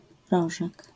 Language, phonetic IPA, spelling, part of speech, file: Polish, [ˈrɔʒɛk], rożek, noun, LL-Q809 (pol)-rożek.wav